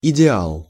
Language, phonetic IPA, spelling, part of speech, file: Russian, [ɪdʲɪˈaɫ], идеал, noun, Ru-идеал.ogg
- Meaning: 1. ideal (a perfect standard of beauty, intellect, etc.) 2. ideal